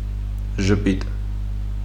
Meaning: smile
- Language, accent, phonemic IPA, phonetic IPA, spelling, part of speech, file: Armenian, Eastern Armenian, /ʒəˈpit/, [ʒəpít], ժպիտ, noun, Hy-ժպիտ.ogg